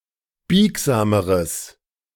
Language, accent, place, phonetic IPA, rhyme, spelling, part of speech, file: German, Germany, Berlin, [ˈbiːkzaːməʁəs], -iːkzaːməʁəs, biegsameres, adjective, De-biegsameres.ogg
- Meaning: strong/mixed nominative/accusative neuter singular comparative degree of biegsam